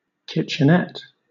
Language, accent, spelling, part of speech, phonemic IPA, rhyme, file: English, Southern England, kitchenette, noun, /ˌkɪt͡ʃəˈnɛt/, -ɛt, LL-Q1860 (eng)-kitchenette.wav
- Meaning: A small kitchen or area for preparing food, often just a part of a room